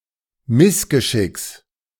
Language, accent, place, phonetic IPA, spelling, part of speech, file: German, Germany, Berlin, [ˈmɪsɡəˌʃɪks], Missgeschicks, noun, De-Missgeschicks.ogg
- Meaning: genitive singular of Missgeschick